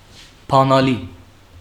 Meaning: key
- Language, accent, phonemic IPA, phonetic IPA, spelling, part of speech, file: Armenian, Western Armenian, /pɑnɑˈli/, [pʰɑnɑlí], բանալի, noun, HyW-բանալի.ogg